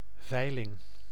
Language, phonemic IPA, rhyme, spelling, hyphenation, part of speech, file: Dutch, /ˈvɛi̯.lɪŋ/, -ɛi̯lɪŋ, veiling, vei‧ling, noun, Nl-veiling.ogg
- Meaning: 1. auction (concrete and abstract) 2. auction house, building or business where auctions are held